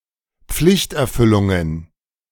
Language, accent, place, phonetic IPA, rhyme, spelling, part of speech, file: German, Germany, Berlin, [ˈp͡flɪçtʔɛɐ̯ˌfʏlʊŋən], -ɪçtʔɛɐ̯fʏlʊŋən, Pflichterfüllungen, noun, De-Pflichterfüllungen.ogg
- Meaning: plural of Pflichterfüllung